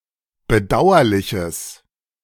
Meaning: strong/mixed nominative/accusative neuter singular of bedauerlich
- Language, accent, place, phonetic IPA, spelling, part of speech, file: German, Germany, Berlin, [bəˈdaʊ̯ɐlɪçəs], bedauerliches, adjective, De-bedauerliches.ogg